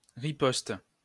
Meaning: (noun) 1. riposte 2. retaliation, response, counterattack 3. retort (witty response, quick reply); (verb) inflection of riposter: first/third-person singular present indicative/subjunctive
- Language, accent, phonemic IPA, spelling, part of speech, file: French, France, /ʁi.pɔst/, riposte, noun / verb, LL-Q150 (fra)-riposte.wav